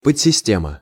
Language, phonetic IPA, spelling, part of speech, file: Russian, [pət͡sʲsʲɪˈsʲtʲemə], подсистема, noun, Ru-подсистема.ogg
- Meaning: subsystem